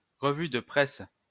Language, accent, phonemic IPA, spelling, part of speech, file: French, France, /ʁə.vy də pʁɛs/, revue de presse, noun, LL-Q150 (fra)-revue de presse.wav
- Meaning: news digest, media digest; press review (on website etc.)